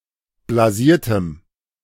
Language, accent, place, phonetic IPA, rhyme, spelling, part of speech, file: German, Germany, Berlin, [blaˈziːɐ̯təm], -iːɐ̯təm, blasiertem, adjective, De-blasiertem.ogg
- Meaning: strong dative masculine/neuter singular of blasiert